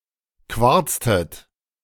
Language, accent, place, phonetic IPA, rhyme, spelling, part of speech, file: German, Germany, Berlin, [ˈkvaʁt͡stət], -aʁt͡stət, quarztet, verb, De-quarztet.ogg
- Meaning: inflection of quarzen: 1. second-person plural preterite 2. second-person plural subjunctive II